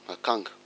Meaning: guinea fowl
- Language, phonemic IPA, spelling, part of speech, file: Malagasy, /akaᵑɡạ/, akanga, noun, Mg-akanga.ogg